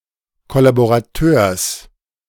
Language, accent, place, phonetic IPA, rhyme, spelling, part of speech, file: German, Germany, Berlin, [kɔlaboʁaˈtøːɐ̯s], -øːɐ̯s, Kollaborateurs, noun, De-Kollaborateurs.ogg
- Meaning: genitive singular of Kollaborateur